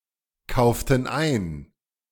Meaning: inflection of einkaufen: 1. first/third-person plural preterite 2. first/third-person plural subjunctive II
- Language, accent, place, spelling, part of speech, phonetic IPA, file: German, Germany, Berlin, kauften ein, verb, [ˌkaʊ̯ftn̩ ˈaɪ̯n], De-kauften ein.ogg